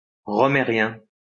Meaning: Rohmerian
- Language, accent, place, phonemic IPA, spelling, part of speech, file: French, France, Lyon, /ʁɔ.me.ʁjɛ̃/, rohmérien, adjective, LL-Q150 (fra)-rohmérien.wav